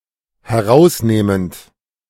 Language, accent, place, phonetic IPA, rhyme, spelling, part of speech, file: German, Germany, Berlin, [hɛˈʁaʊ̯sˌneːmənt], -aʊ̯sneːmənt, herausnehmend, verb, De-herausnehmend.ogg
- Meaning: present participle of herausnehmen